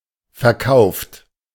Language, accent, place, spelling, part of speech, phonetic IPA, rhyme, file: German, Germany, Berlin, verkauft, adjective / verb, [fɛɐ̯ˈkaʊ̯ft], -aʊ̯ft, De-verkauft.ogg
- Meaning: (verb) past participle of verkaufen; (adjective) sold; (verb) inflection of verkaufen: 1. third-person singular present 2. second-person plural present 3. plural imperative